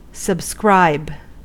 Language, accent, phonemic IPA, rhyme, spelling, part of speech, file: English, US, /səbˈskɹaɪb/, -aɪb, subscribe, verb, En-us-subscribe.ogg
- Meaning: 1. To write (one’s name) at the bottom of a document; to sign (one's name) 2. To sign; to mark with one's signature as a token of consent or attestation